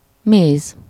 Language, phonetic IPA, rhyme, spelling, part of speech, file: Hungarian, [ˈmeːz], -eːz, méz, noun, Hu-méz.ogg
- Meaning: honey